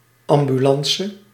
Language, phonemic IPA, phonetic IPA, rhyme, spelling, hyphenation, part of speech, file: Dutch, /ˌɑm.byˈlɑn.sə/, [ˌɑm.byˈlɑ̃ː.sə], -ɑnsə, ambulance, am‧bu‧lan‧ce, noun, Nl-ambulance.ogg
- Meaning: ambulance (emergency vehicle)